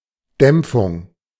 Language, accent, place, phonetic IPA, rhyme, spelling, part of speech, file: German, Germany, Berlin, [ˈdɛmp͡fʊŋ], -ɛmp͡fʊŋ, Dämpfung, noun, De-Dämpfung.ogg
- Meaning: 1. attenuation 2. damping 3. decay